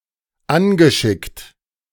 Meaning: past participle of anschicken
- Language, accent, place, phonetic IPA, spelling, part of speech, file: German, Germany, Berlin, [ˈanɡəˌʃɪkt], angeschickt, verb, De-angeschickt.ogg